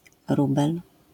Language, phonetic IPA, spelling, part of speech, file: Polish, [ˈrubɛl], rubel, noun, LL-Q809 (pol)-rubel.wav